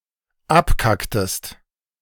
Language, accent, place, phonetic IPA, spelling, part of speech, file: German, Germany, Berlin, [ˈapˌkaktəst], abkacktest, verb, De-abkacktest.ogg
- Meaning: inflection of abkacken: 1. second-person singular dependent preterite 2. second-person singular dependent subjunctive II